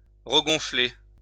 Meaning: 1. to reinflate 2. to swell up
- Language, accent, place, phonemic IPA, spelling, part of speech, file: French, France, Lyon, /ʁə.ɡɔ̃.fle/, regonfler, verb, LL-Q150 (fra)-regonfler.wav